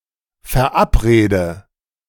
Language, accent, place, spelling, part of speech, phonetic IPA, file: German, Germany, Berlin, verabrede, verb, [fɛɐ̯ˈʔapˌʁeːdə], De-verabrede.ogg
- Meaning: inflection of verabreden: 1. first-person singular present 2. first/third-person singular subjunctive I 3. singular imperative